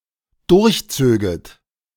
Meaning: second-person plural dependent subjunctive II of durchziehen
- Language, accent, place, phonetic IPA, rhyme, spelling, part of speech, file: German, Germany, Berlin, [ˌdʊʁçˈt͡søːɡət], -øːɡət, durchzöget, verb, De-durchzöget.ogg